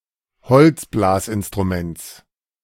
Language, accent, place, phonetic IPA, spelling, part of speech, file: German, Germany, Berlin, [ˈhɔlt͡sˌblaːsʔɪnstʁuˌmɛnt͡s], Holzblasinstruments, noun, De-Holzblasinstruments.ogg
- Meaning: genitive singular of Holzblasinstrument